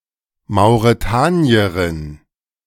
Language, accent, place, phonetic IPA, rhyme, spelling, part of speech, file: German, Germany, Berlin, [maʊ̯ʁeˈtaːni̯əʁɪn], -aːni̯əʁɪn, Mauretanierin, noun, De-Mauretanierin.ogg
- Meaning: Mauritanian (female person from Mauritania)